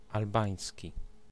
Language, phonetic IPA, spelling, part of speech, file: Polish, [alˈbãj̃sʲci], albański, adjective / noun, Pl-albański.ogg